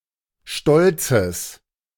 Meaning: strong/mixed nominative/accusative neuter singular of stolz
- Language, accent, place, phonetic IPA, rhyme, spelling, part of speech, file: German, Germany, Berlin, [ˈʃtɔlt͡səs], -ɔlt͡səs, stolzes, adjective, De-stolzes.ogg